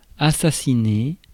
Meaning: to assassinate
- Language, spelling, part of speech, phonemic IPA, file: French, assassiner, verb, /a.sa.si.ne/, Fr-assassiner.ogg